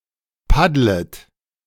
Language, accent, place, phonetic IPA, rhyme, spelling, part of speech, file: German, Germany, Berlin, [ˈpadlət], -adlət, paddlet, verb, De-paddlet.ogg
- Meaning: second-person plural subjunctive I of paddeln